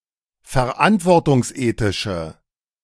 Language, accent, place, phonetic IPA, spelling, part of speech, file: German, Germany, Berlin, [fɛɐ̯ˈʔantvɔʁtʊŋsˌʔeːtɪʃə], verantwortungsethische, adjective, De-verantwortungsethische.ogg
- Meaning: inflection of verantwortungsethisch: 1. strong/mixed nominative/accusative feminine singular 2. strong nominative/accusative plural 3. weak nominative all-gender singular